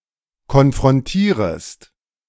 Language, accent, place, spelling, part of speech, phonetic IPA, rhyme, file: German, Germany, Berlin, konfrontierest, verb, [kɔnfʁɔnˈtiːʁəst], -iːʁəst, De-konfrontierest.ogg
- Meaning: second-person singular subjunctive I of konfrontieren